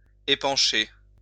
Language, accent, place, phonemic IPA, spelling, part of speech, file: French, France, Lyon, /e.pɑ̃.ʃe/, épancher, verb, LL-Q150 (fra)-épancher.wav
- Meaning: 1. to pour, pour out 2. to erupt, spit out, spurt out 3. to emit (an odour, sound, visual effect): to pour out (sound) 4. to emit (an odour, sound, visual effect): to give off (odour)